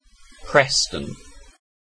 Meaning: 1. An industrial city in Lancashire, England (OS grid ref SD5329) 2. Several other places in England: A hamlet in Kingsteignton parish, Teignbridge district, Devon (OS grid ref SX8574)
- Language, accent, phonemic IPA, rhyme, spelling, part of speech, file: English, UK, /ˈpɹɛs.tən/, -ɛstən, Preston, proper noun, En-uk-Preston.ogg